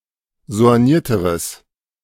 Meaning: strong/mixed nominative/accusative neuter singular comparative degree of soigniert
- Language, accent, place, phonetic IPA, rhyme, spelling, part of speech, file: German, Germany, Berlin, [zo̯anˈjiːɐ̯təʁəs], -iːɐ̯təʁəs, soignierteres, adjective, De-soignierteres.ogg